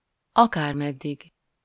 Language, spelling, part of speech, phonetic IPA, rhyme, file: Hungarian, akármeddig, adverb, [ˈɒkaːrmɛdːiɡ], -iɡ, Hu-akármeddig.ogg
- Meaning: 1. however far (to any location or distance) 2. however long, indefinitely, forever (for any length of time, no matter how long)